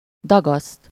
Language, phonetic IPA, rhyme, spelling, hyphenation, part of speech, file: Hungarian, [ˈdɒɡɒst], -ɒst, dagaszt, da‧gaszt, verb, Hu-dagaszt.ogg
- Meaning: 1. to knead (bread, dough) 2. to make something swell